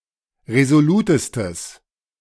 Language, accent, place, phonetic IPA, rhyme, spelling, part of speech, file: German, Germany, Berlin, [ʁezoˈluːtəstəs], -uːtəstəs, resolutestes, adjective, De-resolutestes.ogg
- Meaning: strong/mixed nominative/accusative neuter singular superlative degree of resolut